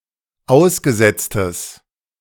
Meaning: strong/mixed nominative/accusative neuter singular of ausgesetzt
- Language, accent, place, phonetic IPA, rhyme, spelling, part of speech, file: German, Germany, Berlin, [ˈaʊ̯sɡəˌzɛt͡stəs], -aʊ̯sɡəzɛt͡stəs, ausgesetztes, adjective, De-ausgesetztes.ogg